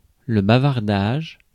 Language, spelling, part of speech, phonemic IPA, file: French, bavardage, noun, /ba.vaʁ.daʒ/, Fr-bavardage.ogg
- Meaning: chatter, natter, banter (insignificant talk)